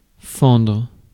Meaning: 1. to split, to chop (wood), to crack 2. to shoulder (one's way through a crowd) 3. to break (someone's heart) 4. to break 5. to crack, to split 6. to manage, to come up with 7. to lunge
- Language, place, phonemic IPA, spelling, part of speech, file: French, Paris, /fɑ̃dʁ/, fendre, verb, Fr-fendre.ogg